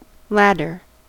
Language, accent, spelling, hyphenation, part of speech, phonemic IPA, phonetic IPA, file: English, US, ladder, lad‧der, noun / verb, /ˈlæd.ɚ/, [ˈlæɾ.ɚ], En-us-ladder.ogg
- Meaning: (noun) A frame, usually portable, of wood, metal, or rope, used for ascent and descent, consisting of two side pieces to which are fastened rungs (cross strips or rounds acting as steps)